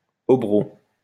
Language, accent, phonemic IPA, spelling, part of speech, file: French, France, /ɔ.bʁo/, hobereau, noun, LL-Q150 (fra)-hobereau.wav
- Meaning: 1. hobby (falcon) 2. country squire